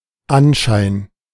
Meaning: appearance, semblance, impression
- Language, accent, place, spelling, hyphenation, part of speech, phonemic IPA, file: German, Germany, Berlin, Anschein, An‧schein, noun, /ˈanˌʃaɪ̯n/, De-Anschein.ogg